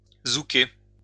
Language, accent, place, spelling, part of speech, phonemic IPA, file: French, France, Lyon, zouker, verb, /zu.ke/, LL-Q150 (fra)-zouker.wav
- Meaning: to zouk, dance the zouk